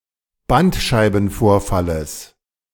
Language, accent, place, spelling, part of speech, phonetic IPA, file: German, Germany, Berlin, Bandscheibenvorfalles, noun, [ˈbantʃaɪ̯bn̩ˌfoːɐ̯faləs], De-Bandscheibenvorfalles.ogg
- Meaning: genitive singular of Bandscheibenvorfall